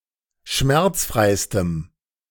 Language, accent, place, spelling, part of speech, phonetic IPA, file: German, Germany, Berlin, schmerzfreistem, adjective, [ˈʃmɛʁt͡sˌfʁaɪ̯stəm], De-schmerzfreistem.ogg
- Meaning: strong dative masculine/neuter singular superlative degree of schmerzfrei